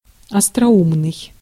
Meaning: 1. witty 2. clever
- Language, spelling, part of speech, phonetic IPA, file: Russian, остроумный, adjective, [ɐstrɐˈumnɨj], Ru-остроумный.ogg